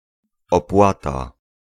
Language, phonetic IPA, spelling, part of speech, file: Polish, [ɔˈpwata], opłata, noun, Pl-opłata.ogg